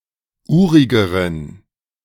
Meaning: inflection of urig: 1. strong genitive masculine/neuter singular comparative degree 2. weak/mixed genitive/dative all-gender singular comparative degree
- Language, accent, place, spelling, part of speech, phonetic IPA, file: German, Germany, Berlin, urigeren, adjective, [ˈuːʁɪɡəʁən], De-urigeren.ogg